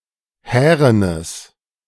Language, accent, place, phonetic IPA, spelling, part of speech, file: German, Germany, Berlin, [ˈhɛːʁənəs], härenes, adjective, De-härenes.ogg
- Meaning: strong/mixed nominative/accusative neuter singular of hären